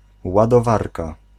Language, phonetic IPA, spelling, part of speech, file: Polish, [ˌwadɔˈvarka], ładowarka, noun, Pl-ładowarka.ogg